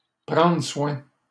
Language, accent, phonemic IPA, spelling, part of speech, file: French, Canada, /pʁɑ̃.dʁə swɛ̃/, prendre soin, verb, LL-Q150 (fra)-prendre soin.wav
- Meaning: 1. to see to, look after, keep in order, manage 2. to take care of, to care for